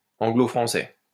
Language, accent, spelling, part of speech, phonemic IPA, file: French, France, anglo-français, adjective / noun, /ɑ̃.ɡlo.fʁɑ̃.sɛ/, LL-Q150 (fra)-anglo-français.wav
- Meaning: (adjective) Anglo-French; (noun) Anglo-French, Anglo-Norman